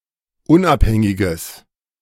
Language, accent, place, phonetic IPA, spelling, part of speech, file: German, Germany, Berlin, [ˈʊnʔapˌhɛŋɪɡəs], unabhängiges, adjective, De-unabhängiges.ogg
- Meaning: strong/mixed nominative/accusative neuter singular of unabhängig